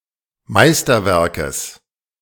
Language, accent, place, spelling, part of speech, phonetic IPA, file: German, Germany, Berlin, Meisterwerkes, noun, [ˈmaɪ̯stɐˌvɛʁkəs], De-Meisterwerkes.ogg
- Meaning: genitive singular of Meisterwerk